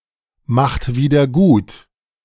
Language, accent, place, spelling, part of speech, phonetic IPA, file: German, Germany, Berlin, macht wieder gut, verb, [maxt ˌviːdɐ ˈɡuːt], De-macht wieder gut.ogg
- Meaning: inflection of wiedergutmachen: 1. second-person plural present 2. third-person singular present 3. plural imperative